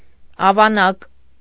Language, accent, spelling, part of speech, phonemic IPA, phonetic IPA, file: Armenian, Eastern Armenian, ավանակ, noun, /ɑvɑˈnɑk/, [ɑvɑnɑ́k], Hy-ավանակ.ogg
- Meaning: 1. donkey, ass 2. ass, jackass; idiot, dumb-ass, fool, blockhead, clot, dimwit